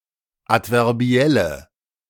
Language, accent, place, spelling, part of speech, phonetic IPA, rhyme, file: German, Germany, Berlin, adverbielle, adjective, [ˌatvɛʁˈbi̯ɛlə], -ɛlə, De-adverbielle.ogg
- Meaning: inflection of adverbiell: 1. strong/mixed nominative/accusative feminine singular 2. strong nominative/accusative plural 3. weak nominative all-gender singular